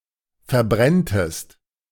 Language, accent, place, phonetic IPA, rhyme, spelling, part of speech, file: German, Germany, Berlin, [fɛɐ̯ˈbʁɛntəst], -ɛntəst, verbrenntest, verb, De-verbrenntest.ogg
- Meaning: second-person singular subjunctive I of verbrennen